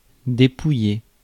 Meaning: 1. to skin (an animal) 2. to rob, despoil, rip off 3. to count (votes); to go through (mail); to peruse, examine in detail 4. to strip, denude (of clothes, possessions etc.) 5. to divest oneself of
- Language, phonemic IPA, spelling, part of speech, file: French, /de.pu.je/, dépouiller, verb, Fr-dépouiller.ogg